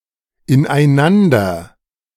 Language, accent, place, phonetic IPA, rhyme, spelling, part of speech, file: German, Germany, Berlin, [ɪnʔaɪ̯ˈnandɐ], -andɐ, ineinander, adverb, De-ineinander.ogg
- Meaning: 1. into each other; intertwiningly 2. with each other